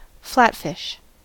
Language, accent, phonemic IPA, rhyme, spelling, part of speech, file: English, US, /ˈflætfɪʃ/, -ætfɪʃ, flatfish, noun, En-us-flatfish.ogg
- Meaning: A fish of the order Pleuronectiformes, the adults of which have both eyes on one side and usually swim with the other side down, such as a flounder, a halibut, or a sole